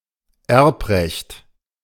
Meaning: 1. inheritance law (area of law pertaining to passing on property, titles, debts, rights, and obligations upon the death of an individual) 2. right to inherit
- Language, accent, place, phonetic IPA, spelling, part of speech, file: German, Germany, Berlin, [ˈɛʁpˌʁɛçt], Erbrecht, noun, De-Erbrecht.ogg